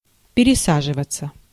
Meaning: 1. to change seats, to move one's seat 2. to change (trains, buses, etc.) 3. passive of переса́живать (peresáživatʹ)
- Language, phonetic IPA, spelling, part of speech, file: Russian, [pʲɪrʲɪˈsaʐɨvət͡sə], пересаживаться, verb, Ru-пересаживаться.ogg